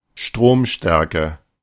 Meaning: 1. current (strength) 2. amperage
- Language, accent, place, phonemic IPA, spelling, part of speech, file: German, Germany, Berlin, /ˈʃtʁoːmˌʃtɛʁkə/, Stromstärke, noun, De-Stromstärke.ogg